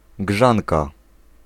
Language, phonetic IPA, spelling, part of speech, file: Polish, [ˈɡʒãnka], grzanka, noun, Pl-grzanka.ogg